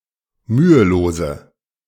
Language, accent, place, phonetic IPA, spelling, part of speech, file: German, Germany, Berlin, [ˈmyːəˌloːzə], mühelose, adjective, De-mühelose.ogg
- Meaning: inflection of mühelos: 1. strong/mixed nominative/accusative feminine singular 2. strong nominative/accusative plural 3. weak nominative all-gender singular 4. weak accusative feminine/neuter singular